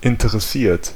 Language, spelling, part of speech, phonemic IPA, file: German, interessiert, verb / adjective, /ɪntəʁˈsiːɐ̯t/, De-interessiert.ogg
- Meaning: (verb) past participle of interessieren; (adjective) interested